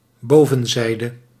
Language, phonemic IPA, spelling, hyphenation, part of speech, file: Dutch, /ˈboː.və(n)ˌzɛi̯.də/, bovenzijde, bo‧ven‧zij‧de, noun, Nl-bovenzijde.ogg
- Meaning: upper side, top